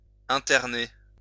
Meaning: 1. to intern, to imprison 2. to section (in a psychiatric ward)
- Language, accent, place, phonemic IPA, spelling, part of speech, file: French, France, Lyon, /ɛ̃.tɛʁ.ne/, interner, verb, LL-Q150 (fra)-interner.wav